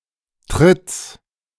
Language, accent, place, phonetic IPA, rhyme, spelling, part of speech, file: German, Germany, Berlin, [tʁɪt͡s], -ɪt͡s, Tritts, noun, De-Tritts.ogg
- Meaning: genitive singular of Tritt